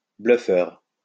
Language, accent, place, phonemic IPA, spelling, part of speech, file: French, France, Lyon, /blœ.fœʁ/, bluffeur, noun, LL-Q150 (fra)-bluffeur.wav
- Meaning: bluffer (one who bluffs)